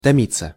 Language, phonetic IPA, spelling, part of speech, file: Russian, [tɐˈmʲit͡sːə], томиться, verb, Ru-томиться.ogg
- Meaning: 1. to pine (for), to languish 2. to stew 3. passive of томи́ть (tomítʹ)